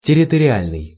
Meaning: territorial
- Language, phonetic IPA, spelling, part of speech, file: Russian, [tʲɪrʲɪtərʲɪˈalʲnɨj], территориальный, adjective, Ru-территориальный.ogg